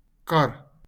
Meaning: 1. cart 2. car, automobile
- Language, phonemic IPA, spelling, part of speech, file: Afrikaans, /kar/, kar, noun, LL-Q14196 (afr)-kar.wav